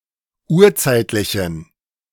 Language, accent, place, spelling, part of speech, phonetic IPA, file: German, Germany, Berlin, urzeitlichen, adjective, [ˈuːɐ̯ˌt͡saɪ̯tlɪçn̩], De-urzeitlichen.ogg
- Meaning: inflection of urzeitlich: 1. strong genitive masculine/neuter singular 2. weak/mixed genitive/dative all-gender singular 3. strong/weak/mixed accusative masculine singular 4. strong dative plural